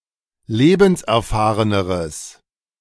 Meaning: strong/mixed nominative/accusative neuter singular comparative degree of lebenserfahren
- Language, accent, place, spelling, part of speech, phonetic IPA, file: German, Germany, Berlin, lebenserfahreneres, adjective, [ˈleːbn̩sʔɛɐ̯ˌfaːʁənəʁəs], De-lebenserfahreneres.ogg